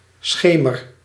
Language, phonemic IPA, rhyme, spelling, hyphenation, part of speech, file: Dutch, /ˈsxeː.mər/, -eːmər, schemer, sche‧mer, noun, Nl-schemer.ogg
- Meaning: twilight